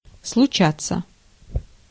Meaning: to happen, to occur, to come about
- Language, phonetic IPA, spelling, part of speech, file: Russian, [sɫʊˈt͡ɕat͡sːə], случаться, verb, Ru-случаться.ogg